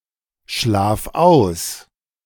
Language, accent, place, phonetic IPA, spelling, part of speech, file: German, Germany, Berlin, [ˌʃlaːf ˈaʊ̯s], schlaf aus, verb, De-schlaf aus.ogg
- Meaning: singular imperative of ausschlafen